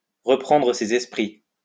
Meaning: to come round, to come to, to regain consciousness
- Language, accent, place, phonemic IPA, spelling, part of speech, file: French, France, Lyon, /ʁə.pʁɑ̃.dʁə se.z‿ɛs.pʁi/, reprendre ses esprits, verb, LL-Q150 (fra)-reprendre ses esprits.wav